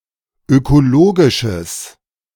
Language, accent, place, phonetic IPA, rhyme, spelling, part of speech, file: German, Germany, Berlin, [økoˈloːɡɪʃəs], -oːɡɪʃəs, ökologisches, adjective, De-ökologisches.ogg
- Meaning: strong/mixed nominative/accusative neuter singular of ökologisch